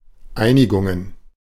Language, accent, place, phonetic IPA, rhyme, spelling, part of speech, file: German, Germany, Berlin, [ˈaɪ̯nɪɡʊŋən], -aɪ̯nɪɡʊŋən, Einigungen, noun, De-Einigungen.ogg
- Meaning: plural of Einigung